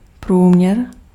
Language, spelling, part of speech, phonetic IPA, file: Czech, průměr, noun, [ˈpruːmɲɛr], Cs-průměr.ogg
- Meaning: 1. diameter 2. average, mean